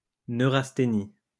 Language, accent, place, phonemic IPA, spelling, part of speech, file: French, France, Lyon, /nø.ʁas.te.ni/, neurasthénie, noun, LL-Q150 (fra)-neurasthénie.wav
- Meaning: neurasthenia